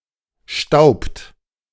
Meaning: inflection of stauben: 1. third-person singular present 2. second-person plural present 3. plural imperative
- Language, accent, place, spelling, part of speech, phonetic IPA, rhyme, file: German, Germany, Berlin, staubt, verb, [ʃtaʊ̯pt], -aʊ̯pt, De-staubt.ogg